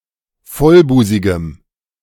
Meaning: strong dative masculine/neuter singular of vollbusig
- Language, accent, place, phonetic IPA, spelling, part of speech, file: German, Germany, Berlin, [ˈfɔlˌbuːzɪɡəm], vollbusigem, adjective, De-vollbusigem.ogg